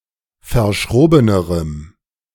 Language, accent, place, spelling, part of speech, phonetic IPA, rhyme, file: German, Germany, Berlin, verschrobenerem, adjective, [fɐˈʃʁoːbənəʁəm], -oːbənəʁəm, De-verschrobenerem.ogg
- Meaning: strong dative masculine/neuter singular comparative degree of verschroben